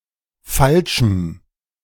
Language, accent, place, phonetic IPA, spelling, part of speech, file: German, Germany, Berlin, [ˈfalʃm̩], falschem, adjective, De-falschem.ogg
- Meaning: strong dative masculine/neuter singular of falsch